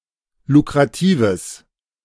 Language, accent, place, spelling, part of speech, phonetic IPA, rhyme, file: German, Germany, Berlin, lukratives, adjective, [lukʁaˈtiːvəs], -iːvəs, De-lukratives.ogg
- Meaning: strong/mixed nominative/accusative neuter singular of lukrativ